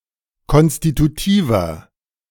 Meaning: inflection of konstitutiv: 1. strong/mixed nominative masculine singular 2. strong genitive/dative feminine singular 3. strong genitive plural
- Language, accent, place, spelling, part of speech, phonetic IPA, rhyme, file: German, Germany, Berlin, konstitutiver, adjective, [ˌkɔnstituˈtiːvɐ], -iːvɐ, De-konstitutiver.ogg